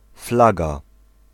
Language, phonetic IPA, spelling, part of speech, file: Polish, [ˈflaɡa], flaga, noun, Pl-flaga.ogg